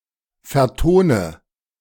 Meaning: inflection of vertonen: 1. first-person singular present 2. singular imperative 3. first/third-person singular subjunctive I
- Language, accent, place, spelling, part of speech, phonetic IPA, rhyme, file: German, Germany, Berlin, vertone, verb, [fɛɐ̯ˈtoːnə], -oːnə, De-vertone.ogg